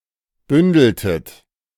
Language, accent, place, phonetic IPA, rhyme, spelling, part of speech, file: German, Germany, Berlin, [ˈbʏndl̩tət], -ʏndl̩tət, bündeltet, verb, De-bündeltet.ogg
- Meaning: inflection of bündeln: 1. second-person plural preterite 2. second-person plural subjunctive II